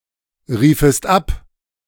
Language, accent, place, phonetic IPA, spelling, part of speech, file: German, Germany, Berlin, [ˌʁiːfəst ˈap], riefest ab, verb, De-riefest ab.ogg
- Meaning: second-person singular subjunctive I of abrufen